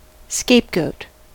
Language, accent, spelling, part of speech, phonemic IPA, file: English, US, scapegoat, noun / verb, /ˈskeɪpˌɡoʊt/, En-us-scapegoat.ogg
- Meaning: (noun) In the Mosaic Day of Atonement ritual, a goat symbolically imbued with the sins of the people, and sent out alive into the wilderness while another was sacrificed